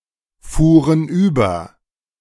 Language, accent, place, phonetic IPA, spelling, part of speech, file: German, Germany, Berlin, [ˌfuːʁən ˈyːbɐ], fuhren über, verb, De-fuhren über.ogg
- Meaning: first/third-person plural preterite of überfahren